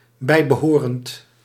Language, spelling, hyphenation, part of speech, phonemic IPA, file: Dutch, bijbehorend, bij‧be‧ho‧rend, adjective, /ˌbɛi̯.bəˈɦoː.rənt/, Nl-bijbehorend.ogg
- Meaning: associated, matching